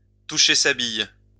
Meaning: to know one's stuff, to know one's onions
- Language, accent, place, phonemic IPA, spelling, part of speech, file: French, France, Lyon, /tu.ʃe sa bij/, toucher sa bille, verb, LL-Q150 (fra)-toucher sa bille.wav